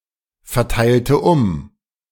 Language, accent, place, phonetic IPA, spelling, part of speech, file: German, Germany, Berlin, [fɛɐ̯ˌtaɪ̯ltə ˈʊm], verteilte um, verb, De-verteilte um.ogg
- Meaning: inflection of umverteilen: 1. first/third-person singular preterite 2. first/third-person singular subjunctive II